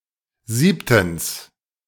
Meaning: seventhly
- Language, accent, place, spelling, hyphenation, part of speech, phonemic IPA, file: German, Germany, Berlin, siebtens, sieb‧tens, adverb, /ˈziːptn̩s/, De-siebtens.ogg